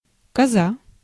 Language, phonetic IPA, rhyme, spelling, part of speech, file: Russian, [kɐˈza], -a, коза, noun, Ru-коза.ogg
- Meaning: 1. goat, she-goat 2. a fire basket with burning fatwood in it, used for fishing at night 3. stupid and/or annoying woman